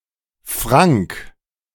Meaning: frank
- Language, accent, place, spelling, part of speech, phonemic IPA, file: German, Germany, Berlin, frank, adjective, /fʁaŋk/, De-frank.ogg